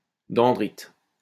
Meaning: dendrite
- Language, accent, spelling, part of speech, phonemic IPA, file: French, France, dendrite, noun, /dɑ̃.dʁit/, LL-Q150 (fra)-dendrite.wav